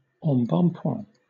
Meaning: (noun) Plumpness, stoutness, especially when voluptuous; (adjective) Plump, chubby, buxom
- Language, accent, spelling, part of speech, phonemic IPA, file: English, Southern England, embonpoint, noun / adjective, /ɑ̃bɔ̃pwɛ̃/, LL-Q1860 (eng)-embonpoint.wav